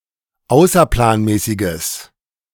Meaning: strong/mixed nominative/accusative neuter singular of außerplanmäßig
- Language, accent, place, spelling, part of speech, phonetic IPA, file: German, Germany, Berlin, außerplanmäßiges, adjective, [ˈaʊ̯sɐplaːnˌmɛːsɪɡəs], De-außerplanmäßiges.ogg